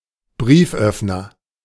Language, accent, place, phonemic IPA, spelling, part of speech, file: German, Germany, Berlin, /ˈbʁiːfˌʔœfnɐ/, Brieföffner, noun, De-Brieföffner.ogg
- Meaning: letter opener (knifelike device)